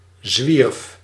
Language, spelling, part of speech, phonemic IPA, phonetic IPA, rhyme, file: Dutch, zwierf, verb, /zʋirf/, [zʋirf], -irf, Nl-zwierf.ogg
- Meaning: singular past indicative of zwerven